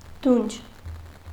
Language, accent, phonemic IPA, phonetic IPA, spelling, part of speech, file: Armenian, Eastern Armenian, /dunt͡ʃʰ/, [dunt͡ʃʰ], դունչ, noun, Hy-դունչ.ogg
- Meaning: 1. snout, muzzle 2. chin